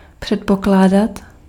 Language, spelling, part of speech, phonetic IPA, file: Czech, předpokládat, verb, [ˈpr̝̊ɛtpoklaːdat], Cs-předpokládat.ogg
- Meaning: to assume, to suppose